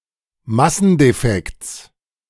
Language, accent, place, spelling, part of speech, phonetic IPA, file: German, Germany, Berlin, Massendefekts, noun, [ˈmasn̩deˌfɛkt͡s], De-Massendefekts.ogg
- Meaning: genitive singular of Massendefekt